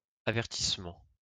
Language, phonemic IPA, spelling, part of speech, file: French, /a.vɛʁ.tis.mɑ̃/, avertissement, noun, LL-Q150 (fra)-avertissement.wav
- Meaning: 1. warning 2. editor's introduction 3. yellow card, booking, caution